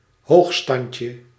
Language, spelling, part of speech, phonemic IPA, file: Dutch, hoogstandje, noun, /ˈhoxstɑɲcə/, Nl-hoogstandje.ogg
- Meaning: diminutive of hoogstand